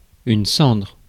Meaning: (noun) 1. ash (of fire, etc.) 2. mortal remains; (verb) inflection of cendrer: 1. first/third-person singular present indicative/subjunctive 2. second-person singular imperative
- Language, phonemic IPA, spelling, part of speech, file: French, /sɑ̃dʁ/, cendre, noun / verb, Fr-cendre.ogg